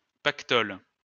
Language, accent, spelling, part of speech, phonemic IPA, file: French, France, pactole, noun, /pak.tɔl/, LL-Q150 (fra)-pactole.wav
- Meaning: fortune (large amount of money)